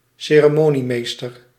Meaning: master of ceremonies (host at an official or otherwise ceremonial event)
- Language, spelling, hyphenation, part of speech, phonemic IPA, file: Dutch, ceremoniemeester, ce‧re‧mo‧nie‧mees‧ter, noun, /seː.rəˈmoː.niˌmeːs.tər/, Nl-ceremoniemeester.ogg